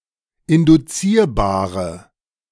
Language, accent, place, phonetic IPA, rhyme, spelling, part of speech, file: German, Germany, Berlin, [ɪndʊˈt͡siːɐ̯baːʁə], -iːɐ̯baːʁə, induzierbare, adjective, De-induzierbare.ogg
- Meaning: inflection of induzierbar: 1. strong/mixed nominative/accusative feminine singular 2. strong nominative/accusative plural 3. weak nominative all-gender singular